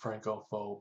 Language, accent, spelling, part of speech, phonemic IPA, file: English, US, Francophobe, noun, /ˈfɹæŋkəfoʊb/, Francophobe US.ogg
- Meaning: One who dislikes France, the French, or French culture